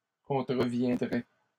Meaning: first/second-person singular conditional of contrevenir
- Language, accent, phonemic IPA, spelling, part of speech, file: French, Canada, /kɔ̃.tʁə.vjɛ̃.dʁɛ/, contreviendrais, verb, LL-Q150 (fra)-contreviendrais.wav